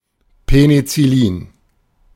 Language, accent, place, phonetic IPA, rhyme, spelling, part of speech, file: German, Germany, Berlin, [penit͡sɪˈliːn], -iːn, Penizillin, noun, De-Penizillin.ogg
- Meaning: penicillin